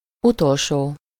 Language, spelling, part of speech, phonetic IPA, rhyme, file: Hungarian, utolsó, adjective, [ˈutolʃoː], -ʃoː, Hu-utolsó.ogg
- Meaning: last (final)